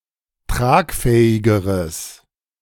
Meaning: strong/mixed nominative/accusative neuter singular comparative degree of tragfähig
- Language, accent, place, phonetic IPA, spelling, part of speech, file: German, Germany, Berlin, [ˈtʁaːkˌfɛːɪɡəʁəs], tragfähigeres, adjective, De-tragfähigeres.ogg